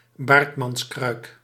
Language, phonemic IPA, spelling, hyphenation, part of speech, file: Dutch, /ˈbaːrt.mɑnˌkrœy̯k/, baardmankruik, baard‧man‧kruik, noun, Nl-baardmankruik.ogg
- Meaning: Bartmann jug